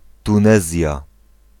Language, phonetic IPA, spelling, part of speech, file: Polish, [tũˈnɛzʲja], Tunezja, proper noun, Pl-Tunezja.ogg